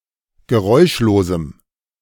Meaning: strong dative masculine/neuter singular of geräuschlos
- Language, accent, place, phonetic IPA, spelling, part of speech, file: German, Germany, Berlin, [ɡəˈʁɔɪ̯ʃloːzm̩], geräuschlosem, adjective, De-geräuschlosem.ogg